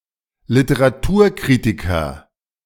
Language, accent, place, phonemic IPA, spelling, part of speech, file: German, Germany, Berlin, /ˈlɪtəʁaˈtuːɐ̯ˌkʁɪtɪkɐ/, Literaturkritiker, noun, De-Literaturkritiker.ogg
- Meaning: literary critic